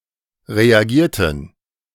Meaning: inflection of reagieren: 1. first/third-person plural preterite 2. first/third-person plural subjunctive II
- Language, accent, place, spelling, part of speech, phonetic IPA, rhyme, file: German, Germany, Berlin, reagierten, adjective / verb, [ʁeaˈɡiːɐ̯tn̩], -iːɐ̯tn̩, De-reagierten.ogg